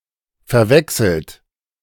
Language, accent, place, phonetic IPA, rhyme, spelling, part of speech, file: German, Germany, Berlin, [fɛɐ̯ˈvɛksl̩t], -ɛksl̩t, verwechselt, verb, De-verwechselt.ogg
- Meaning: 1. past participle of verwechseln 2. inflection of verwechseln: third-person singular present 3. inflection of verwechseln: second-person plural present 4. inflection of verwechseln: plural imperative